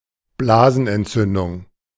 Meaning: cystitis
- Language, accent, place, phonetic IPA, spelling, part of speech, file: German, Germany, Berlin, [ˈblaːzn̩ʔɛntˌt͡sʏndʊŋ], Blasenentzündung, noun, De-Blasenentzündung.ogg